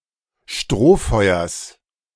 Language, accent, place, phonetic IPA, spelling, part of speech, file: German, Germany, Berlin, [ˈʃtʁoːˌfɔɪ̯ɐs], Strohfeuers, noun, De-Strohfeuers.ogg
- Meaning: genitive singular of Strohfeuer